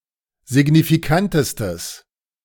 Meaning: strong/mixed nominative/accusative neuter singular superlative degree of signifikant
- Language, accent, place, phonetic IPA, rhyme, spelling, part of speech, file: German, Germany, Berlin, [zɪɡnifiˈkantəstəs], -antəstəs, signifikantestes, adjective, De-signifikantestes.ogg